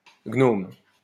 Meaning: gnome
- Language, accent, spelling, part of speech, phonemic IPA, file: French, France, gnome, noun, /ɡnom/, LL-Q150 (fra)-gnome.wav